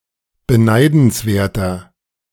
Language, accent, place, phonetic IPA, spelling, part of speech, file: German, Germany, Berlin, [bəˈnaɪ̯dn̩sˌveːɐ̯tɐ], beneidenswerter, adjective, De-beneidenswerter.ogg
- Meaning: 1. comparative degree of beneidenswert 2. inflection of beneidenswert: strong/mixed nominative masculine singular 3. inflection of beneidenswert: strong genitive/dative feminine singular